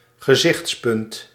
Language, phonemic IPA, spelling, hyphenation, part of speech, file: Dutch, /ɣəˈzɪxtsˌpʏnt/, gezichtspunt, ge‧zichts‧punt, noun, Nl-gezichtspunt.ogg
- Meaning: 1. perspective 2. opinion